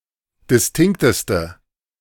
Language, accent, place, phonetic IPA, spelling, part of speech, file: German, Germany, Berlin, [dɪsˈtɪŋktəstə], distinkteste, adjective, De-distinkteste.ogg
- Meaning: inflection of distinkt: 1. strong/mixed nominative/accusative feminine singular superlative degree 2. strong nominative/accusative plural superlative degree